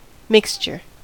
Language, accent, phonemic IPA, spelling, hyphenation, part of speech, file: English, US, /ˈmɪkst͡ʃɚ/, mixture, mix‧ture, noun, En-us-mixture.ogg
- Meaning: 1. The act of mixing 2. Something produced by mixing 3. Something that consists of diverse elements 4. A medicinal compound, typically a suspension of a solid in a solution 5. A compound organ stop